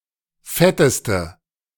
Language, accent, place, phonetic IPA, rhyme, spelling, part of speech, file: German, Germany, Berlin, [ˈfɛtəstə], -ɛtəstə, fetteste, adjective, De-fetteste.ogg
- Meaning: inflection of fett: 1. strong/mixed nominative/accusative feminine singular superlative degree 2. strong nominative/accusative plural superlative degree